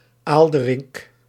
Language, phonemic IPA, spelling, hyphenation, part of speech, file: Dutch, /ˈaːl.də.rɪk/, Aalderik, Aal‧de‧rik, proper noun, Nl-Aalderik.ogg
- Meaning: a male given name